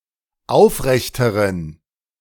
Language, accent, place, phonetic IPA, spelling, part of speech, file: German, Germany, Berlin, [ˈaʊ̯fˌʁɛçtəʁən], aufrechteren, adjective, De-aufrechteren.ogg
- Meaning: inflection of aufrecht: 1. strong genitive masculine/neuter singular comparative degree 2. weak/mixed genitive/dative all-gender singular comparative degree